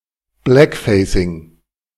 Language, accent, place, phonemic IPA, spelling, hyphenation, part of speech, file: German, Germany, Berlin, /ˈblɛkˌfɛɪ̯sɪŋ/, Blackfacing, Black‧fa‧cing, noun, De-Blackfacing.ogg
- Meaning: blackface